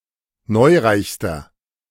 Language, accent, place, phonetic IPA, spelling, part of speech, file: German, Germany, Berlin, [ˈnɔɪ̯ˌʁaɪ̯çstɐ], neureichster, adjective, De-neureichster.ogg
- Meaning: inflection of neureich: 1. strong/mixed nominative masculine singular superlative degree 2. strong genitive/dative feminine singular superlative degree 3. strong genitive plural superlative degree